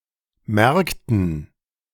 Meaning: dative plural of Markt
- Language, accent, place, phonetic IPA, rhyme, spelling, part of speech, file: German, Germany, Berlin, [ˈmɛʁktn̩], -ɛʁktn̩, Märkten, noun, De-Märkten.ogg